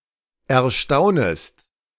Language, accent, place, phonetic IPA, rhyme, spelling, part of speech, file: German, Germany, Berlin, [ɛɐ̯ˈʃtaʊ̯nəst], -aʊ̯nəst, erstaunest, verb, De-erstaunest.ogg
- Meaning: second-person singular subjunctive I of erstaunen